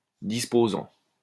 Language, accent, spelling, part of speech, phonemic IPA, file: French, France, disposant, verb, /dis.po.zɑ̃/, LL-Q150 (fra)-disposant.wav
- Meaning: present participle of disposer